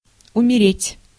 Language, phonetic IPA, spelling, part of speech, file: Russian, [ʊmʲɪˈrʲetʲ], умереть, verb, Ru-умереть.ogg
- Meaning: 1. to die of natural causes 2. to disappear, to cease 3. to become inoperable, to stop working 4. to feel an emotion extremely strongly